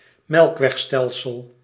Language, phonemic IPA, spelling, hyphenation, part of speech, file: Dutch, /ˈmɛlᵊkwɛxˌstɛlsəl/, melkwegstelsel, melk‧weg‧stel‧sel, noun, Nl-melkwegstelsel.ogg
- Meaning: galaxy